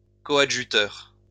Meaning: coadjutor
- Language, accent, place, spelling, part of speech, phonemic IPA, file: French, France, Lyon, coadjuteur, noun, /kɔ.a.dʒy.tœʁ/, LL-Q150 (fra)-coadjuteur.wav